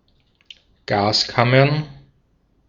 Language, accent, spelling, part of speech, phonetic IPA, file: German, Austria, Gaskammern, noun, [ˈɡaːsˌkamɐn], De-at-Gaskammern.ogg
- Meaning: plural of Gaskammer